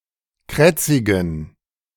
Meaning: inflection of krätzig: 1. strong genitive masculine/neuter singular 2. weak/mixed genitive/dative all-gender singular 3. strong/weak/mixed accusative masculine singular 4. strong dative plural
- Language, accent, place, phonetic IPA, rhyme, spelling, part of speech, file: German, Germany, Berlin, [ˈkʁɛt͡sɪɡn̩], -ɛt͡sɪɡn̩, krätzigen, adjective, De-krätzigen.ogg